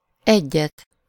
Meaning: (numeral) accusative of egy; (adverb) expressing a semelfactive sense, a short and/or single instance of the action implied in the verb, cf. “to have/take/make a…”, “to give (it) a…”
- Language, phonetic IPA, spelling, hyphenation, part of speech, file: Hungarian, [ˈɛɟːɛt], egyet, egyet, numeral / adverb, Hu-egyet.ogg